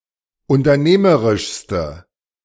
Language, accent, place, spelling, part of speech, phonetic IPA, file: German, Germany, Berlin, unternehmerischste, adjective, [ʊntɐˈneːməʁɪʃstə], De-unternehmerischste.ogg
- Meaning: inflection of unternehmerisch: 1. strong/mixed nominative/accusative feminine singular superlative degree 2. strong nominative/accusative plural superlative degree